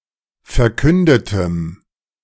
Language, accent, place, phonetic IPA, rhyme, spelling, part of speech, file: German, Germany, Berlin, [fɛɐ̯ˈkʏndətəm], -ʏndətəm, verkündetem, adjective, De-verkündetem.ogg
- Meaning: strong dative masculine/neuter singular of verkündet